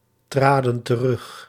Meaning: inflection of terugtreden: 1. plural past indicative 2. plural past subjunctive
- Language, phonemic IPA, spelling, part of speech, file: Dutch, /ˈtradə(n) t(ə)ˈrʏx/, traden terug, verb, Nl-traden terug.ogg